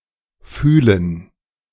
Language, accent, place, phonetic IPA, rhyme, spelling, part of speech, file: German, Germany, Berlin, [ˈfyːlən], -yːlən, Fühlen, noun, De-Fühlen.ogg
- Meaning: gerund of fühlen; feeling